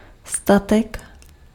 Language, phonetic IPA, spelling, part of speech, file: Czech, [ˈstatɛk], statek, noun, Cs-statek.ogg
- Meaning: 1. good, commodity 2. farm